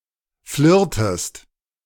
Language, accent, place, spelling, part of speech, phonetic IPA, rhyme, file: German, Germany, Berlin, flirrtest, verb, [ˈflɪʁtəst], -ɪʁtəst, De-flirrtest.ogg
- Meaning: inflection of flirren: 1. second-person singular preterite 2. second-person singular subjunctive II